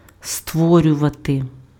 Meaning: to create
- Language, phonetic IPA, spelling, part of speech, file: Ukrainian, [ˈstwɔrʲʊʋɐte], створювати, verb, Uk-створювати.ogg